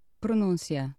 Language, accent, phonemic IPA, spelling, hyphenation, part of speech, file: Portuguese, Portugal, /pɾuˈnũ.sjɐ/, pronúncia, pro‧nún‧ci‧a, noun, Pt pronuncia.ogg
- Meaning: pronunciation